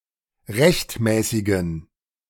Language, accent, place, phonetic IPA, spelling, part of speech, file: German, Germany, Berlin, [ˈʁɛçtˌmɛːsɪɡn̩], rechtmäßigen, adjective, De-rechtmäßigen.ogg
- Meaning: inflection of rechtmäßig: 1. strong genitive masculine/neuter singular 2. weak/mixed genitive/dative all-gender singular 3. strong/weak/mixed accusative masculine singular 4. strong dative plural